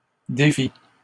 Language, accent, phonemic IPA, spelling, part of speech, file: French, Canada, /de.fi/, défit, verb, LL-Q150 (fra)-défit.wav
- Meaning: third-person singular past historic of défaire